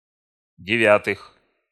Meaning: genitive/prepositional plural of девя́тая (devjátaja)
- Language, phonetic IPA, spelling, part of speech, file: Russian, [dʲɪˈvʲatɨx], девятых, noun, Ru-девятых.ogg